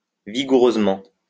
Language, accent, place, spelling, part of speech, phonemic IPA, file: French, France, Lyon, vigoureusement, adverb, /vi.ɡu.ʁøz.mɑ̃/, LL-Q150 (fra)-vigoureusement.wav
- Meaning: vigorously (with intense energy)